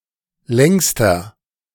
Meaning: inflection of lang: 1. strong/mixed nominative masculine singular superlative degree 2. strong genitive/dative feminine singular superlative degree 3. strong genitive plural superlative degree
- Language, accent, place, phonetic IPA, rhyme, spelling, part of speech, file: German, Germany, Berlin, [ˈlɛŋstɐ], -ɛŋstɐ, längster, adjective, De-längster.ogg